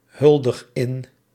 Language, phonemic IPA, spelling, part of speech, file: Dutch, /ˈhʏldəx ˈɪn/, huldig in, verb, Nl-huldig in.ogg
- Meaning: inflection of inhuldigen: 1. first-person singular present indicative 2. second-person singular present indicative 3. imperative